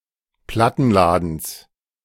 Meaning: genitive singular of Plattenladen
- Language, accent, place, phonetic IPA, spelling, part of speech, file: German, Germany, Berlin, [ˈplatn̩ˌlaːdn̩s], Plattenladens, noun, De-Plattenladens.ogg